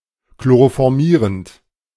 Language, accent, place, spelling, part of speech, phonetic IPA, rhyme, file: German, Germany, Berlin, chloroformierend, verb, [kloʁofɔʁˈmiːʁənt], -iːʁənt, De-chloroformierend.ogg
- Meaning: present participle of chloroformieren